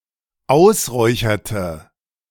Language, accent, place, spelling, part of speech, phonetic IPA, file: German, Germany, Berlin, ausräucherte, verb, [ˈaʊ̯sˌʁɔɪ̯çɐtə], De-ausräucherte.ogg
- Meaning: inflection of ausräuchern: 1. first/third-person singular dependent preterite 2. first/third-person singular dependent subjunctive II